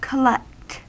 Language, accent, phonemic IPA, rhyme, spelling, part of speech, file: English, US, /kəˈlɛkt/, -ɛkt, collect, verb / adjective / adverb, En-us-collect.ogg
- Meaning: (verb) 1. To gather together; amass 2. To get; particularly, get from someone 3. To accumulate (a number of similar or related objects), particularly for a hobby or recreation 4. To pick up or fetch